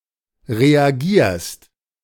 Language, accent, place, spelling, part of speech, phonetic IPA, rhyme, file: German, Germany, Berlin, reagierst, verb, [ʁeaˈɡiːɐ̯st], -iːɐ̯st, De-reagierst.ogg
- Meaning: second-person singular present of reagieren